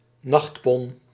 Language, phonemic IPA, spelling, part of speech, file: Dutch, /ˈnɑxtpɔn/, nachtpon, noun, Nl-nachtpon.ogg
- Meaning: nightshirt, nightgown